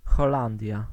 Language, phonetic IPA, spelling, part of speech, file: Polish, [xɔˈlãndʲja], Holandia, proper noun, Pl-Holandia.ogg